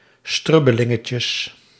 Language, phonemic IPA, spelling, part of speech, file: Dutch, /ˈstrʏbəlɪŋəcəs/, strubbelingetjes, noun, Nl-strubbelingetjes.ogg
- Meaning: plural of strubbelingetje